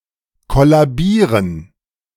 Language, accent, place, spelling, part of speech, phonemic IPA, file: German, Germany, Berlin, kollabieren, verb, /kɔlaˈbiːrən/, De-kollabieren.ogg
- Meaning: 1. to faint, collapse, to suffer from syncope, circulatory collapse 2. to collapse, break down 3. to collapse, fall in